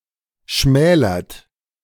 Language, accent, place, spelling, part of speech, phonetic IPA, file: German, Germany, Berlin, schmälert, verb, [ˈʃmɛːlɐt], De-schmälert.ogg
- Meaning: inflection of schmälern: 1. second-person plural present 2. third-person singular present 3. plural imperative